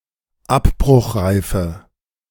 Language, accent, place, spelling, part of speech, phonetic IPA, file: German, Germany, Berlin, abbruchreife, adjective, [ˈapbʁʊxˌʁaɪ̯fə], De-abbruchreife.ogg
- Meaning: inflection of abbruchreif: 1. strong/mixed nominative/accusative feminine singular 2. strong nominative/accusative plural 3. weak nominative all-gender singular